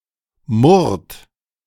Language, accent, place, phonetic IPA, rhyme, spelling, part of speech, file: German, Germany, Berlin, [mʊʁt], -ʊʁt, murrt, verb, De-murrt.ogg
- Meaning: inflection of murren: 1. third-person singular present 2. second-person plural present 3. plural imperative